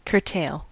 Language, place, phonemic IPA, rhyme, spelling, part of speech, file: English, California, /kɚˈteɪl/, -eɪl, curtail, verb / noun, En-us-curtail.ogg
- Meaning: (verb) 1. To cut short the tail of (an animal) 2. To shorten or abridge the duration of; to bring an end to; to truncate 3. To limit or restrict; to keep in check